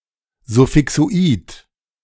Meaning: suffixoid
- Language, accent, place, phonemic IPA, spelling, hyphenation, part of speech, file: German, Germany, Berlin, /zʊfɪksoˈʔiːt/, Suffixoid, Suf‧fi‧xo‧id, noun, De-Suffixoid.ogg